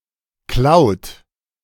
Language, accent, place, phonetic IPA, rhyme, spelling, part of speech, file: German, Germany, Berlin, [klaʊ̯t], -aʊ̯t, klaut, verb, De-klaut.ogg
- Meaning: inflection of klauen: 1. third-person singular present 2. second-person plural present 3. plural imperative